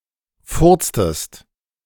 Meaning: inflection of furzen: 1. second-person singular preterite 2. second-person singular subjunctive II
- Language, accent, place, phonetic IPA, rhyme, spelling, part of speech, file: German, Germany, Berlin, [ˈfʊʁt͡stəst], -ʊʁt͡stəst, furztest, verb, De-furztest.ogg